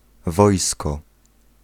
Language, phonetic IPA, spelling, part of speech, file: Polish, [ˈvɔjskɔ], wojsko, noun, Pl-wojsko.ogg